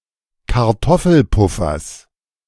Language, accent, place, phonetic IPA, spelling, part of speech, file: German, Germany, Berlin, [kaʁˈtɔfl̩ˌpʊfɐs], Kartoffelpuffers, noun, De-Kartoffelpuffers.ogg
- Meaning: genitive of Kartoffelpuffer